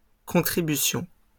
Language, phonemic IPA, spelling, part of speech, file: French, /kɔ̃.tʁi.by.sjɔ̃/, contributions, noun, LL-Q150 (fra)-contributions.wav
- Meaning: plural of contribution